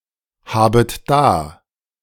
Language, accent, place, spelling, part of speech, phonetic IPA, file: German, Germany, Berlin, habet da, verb, [ˌhaːbət ˈdaː], De-habet da.ogg
- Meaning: second-person plural subjunctive I of dahaben